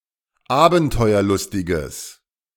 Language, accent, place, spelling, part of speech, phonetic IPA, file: German, Germany, Berlin, abenteuerlustiges, adjective, [ˈaːbn̩tɔɪ̯ɐˌlʊstɪɡəs], De-abenteuerlustiges.ogg
- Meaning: strong/mixed nominative/accusative neuter singular of abenteuerlustig